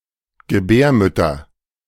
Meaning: nominative/accusative/genitive plural of Gebärmutter
- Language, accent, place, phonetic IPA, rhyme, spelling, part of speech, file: German, Germany, Berlin, [ɡəˈbɛːɐ̯mʏtɐ], -ɛːɐ̯mʏtɐ, Gebärmütter, noun, De-Gebärmütter.ogg